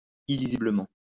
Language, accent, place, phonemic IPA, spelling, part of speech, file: French, France, Lyon, /i.li.zi.blə.mɑ̃/, illisiblement, adverb, LL-Q150 (fra)-illisiblement.wav
- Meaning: unreadably